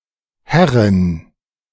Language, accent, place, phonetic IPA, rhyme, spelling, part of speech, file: German, Germany, Berlin, [ˈhɛʁən], -ɛʁən, Herren, noun, De-Herren.ogg
- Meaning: 1. all-case plural of Herr 2. genitive/dative/accusative singular of Herr